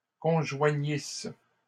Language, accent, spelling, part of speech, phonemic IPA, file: French, Canada, conjoignisse, verb, /kɔ̃.ʒwa.ɲis/, LL-Q150 (fra)-conjoignisse.wav
- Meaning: first-person singular imperfect subjunctive of conjoindre